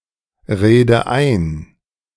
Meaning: inflection of einreden: 1. first-person singular present 2. first/third-person singular subjunctive I 3. singular imperative
- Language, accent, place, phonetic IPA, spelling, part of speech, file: German, Germany, Berlin, [ˌʁeːdə ˈaɪ̯n], rede ein, verb, De-rede ein.ogg